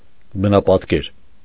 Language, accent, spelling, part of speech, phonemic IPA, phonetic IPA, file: Armenian, Eastern Armenian, բնապատկեր, noun, /bənɑpɑtˈkeɾ/, [bənɑpɑtkéɾ], Hy-բնապատկեր.ogg
- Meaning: painting of a landscape